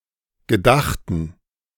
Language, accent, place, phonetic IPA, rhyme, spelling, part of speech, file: German, Germany, Berlin, [ɡəˈdaxtn̩], -axtn̩, gedachten, adjective / verb, De-gedachten.ogg
- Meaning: inflection of gedacht: 1. strong genitive masculine/neuter singular 2. weak/mixed genitive/dative all-gender singular 3. strong/weak/mixed accusative masculine singular 4. strong dative plural